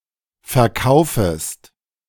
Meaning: second-person singular subjunctive I of verkaufen
- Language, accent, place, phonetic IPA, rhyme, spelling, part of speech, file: German, Germany, Berlin, [fɛɐ̯ˈkaʊ̯fəst], -aʊ̯fəst, verkaufest, verb, De-verkaufest.ogg